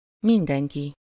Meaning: everybody, everyone
- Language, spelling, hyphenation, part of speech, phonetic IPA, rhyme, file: Hungarian, mindenki, min‧den‧ki, pronoun, [ˈmindɛŋki], -ki, Hu-mindenki.ogg